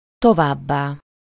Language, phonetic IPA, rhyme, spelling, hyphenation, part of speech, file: Hungarian, [ˈtovaːbːaː], -baː, továbbá, to‧váb‧bá, adverb, Hu-továbbá.ogg
- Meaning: further